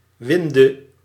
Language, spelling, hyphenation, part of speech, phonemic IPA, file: Dutch, winde, win‧de, noun / verb, /ˈʋɪn.də/, Nl-winde.ogg
- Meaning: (noun) 1. windlass 2. bindweed (Convolvulus or Calystegia); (verb) singular present subjunctive of winden